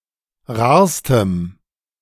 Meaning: strong dative masculine/neuter singular superlative degree of rar
- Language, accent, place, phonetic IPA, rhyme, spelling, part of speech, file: German, Germany, Berlin, [ˈʁaːɐ̯stəm], -aːɐ̯stəm, rarstem, adjective, De-rarstem.ogg